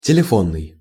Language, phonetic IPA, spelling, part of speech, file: Russian, [tʲɪlʲɪˈfonːɨj], телефонный, adjective, Ru-телефонный.ogg
- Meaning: telephone, call; telephonic